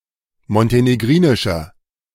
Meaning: 1. comparative degree of montenegrinisch 2. inflection of montenegrinisch: strong/mixed nominative masculine singular 3. inflection of montenegrinisch: strong genitive/dative feminine singular
- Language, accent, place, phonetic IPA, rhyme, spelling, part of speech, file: German, Germany, Berlin, [mɔnteneˈɡʁiːnɪʃɐ], -iːnɪʃɐ, montenegrinischer, adjective, De-montenegrinischer.ogg